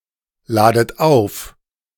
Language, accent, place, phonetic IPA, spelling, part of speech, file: German, Germany, Berlin, [ˌlaːdət ˈaʊ̯f], ladet auf, verb, De-ladet auf.ogg
- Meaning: inflection of aufladen: 1. second-person plural present 2. second-person plural subjunctive I 3. plural imperative